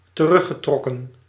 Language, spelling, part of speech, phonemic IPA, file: Dutch, teruggetrokken, verb, /t(ə)ˈrʏxəˌtrɔkə(n)/, Nl-teruggetrokken.ogg
- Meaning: past participle of terugtrekken